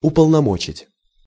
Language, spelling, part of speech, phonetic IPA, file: Russian, уполномочить, verb, [ʊpəɫnɐˈmot͡ɕɪtʲ], Ru-уполномочить.ogg
- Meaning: to authorize, to depute